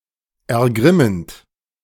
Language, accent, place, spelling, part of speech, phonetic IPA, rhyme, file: German, Germany, Berlin, ergrimmend, verb, [ɛɐ̯ˈɡʁɪmənt], -ɪmənt, De-ergrimmend.ogg
- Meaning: present participle of ergrimmen